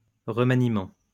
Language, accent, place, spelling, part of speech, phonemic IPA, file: French, France, Lyon, remaniement, noun, /ʁə.ma.ni.mɑ̃/, LL-Q150 (fra)-remaniement.wav
- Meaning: 1. reworking; reorganization 2. revision, amendment 3. reshuffle